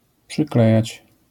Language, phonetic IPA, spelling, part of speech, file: Polish, [pʃɨkˈlɛjät͡ɕ], przyklejać, verb, LL-Q809 (pol)-przyklejać.wav